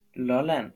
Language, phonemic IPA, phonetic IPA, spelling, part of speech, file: Danish, /lɔlan/, [ˈlʌˌlanˀ], Lolland, proper noun, Da-Lolland.ogg
- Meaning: Lolland (the fourth-largest island of Denmark)